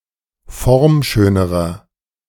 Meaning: inflection of formschön: 1. strong/mixed nominative masculine singular comparative degree 2. strong genitive/dative feminine singular comparative degree 3. strong genitive plural comparative degree
- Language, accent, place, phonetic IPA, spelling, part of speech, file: German, Germany, Berlin, [ˈfɔʁmˌʃøːnəʁɐ], formschönerer, adjective, De-formschönerer.ogg